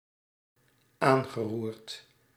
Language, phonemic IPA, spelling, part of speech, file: Dutch, /ˈaŋɣəˌrurt/, aangeroerd, verb, Nl-aangeroerd.ogg
- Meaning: past participle of aanroeren